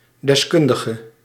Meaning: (adjective) inflection of deskundig: 1. masculine/feminine singular attributive 2. definite neuter singular attributive 3. plural attributive; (noun) expert
- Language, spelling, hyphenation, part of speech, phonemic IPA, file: Dutch, deskundige, des‧kun‧di‧ge, adjective / noun, /dɛsˈkʏn.də.ɣə/, Nl-deskundige.ogg